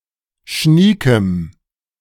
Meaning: strong dative masculine/neuter singular of schnieke
- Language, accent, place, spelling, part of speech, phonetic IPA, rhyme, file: German, Germany, Berlin, schniekem, adjective, [ˈʃniːkəm], -iːkəm, De-schniekem.ogg